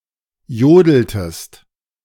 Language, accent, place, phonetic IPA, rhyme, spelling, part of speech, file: German, Germany, Berlin, [ˈjoːdl̩təst], -oːdl̩təst, jodeltest, verb, De-jodeltest.ogg
- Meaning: inflection of jodeln: 1. second-person singular preterite 2. second-person singular subjunctive II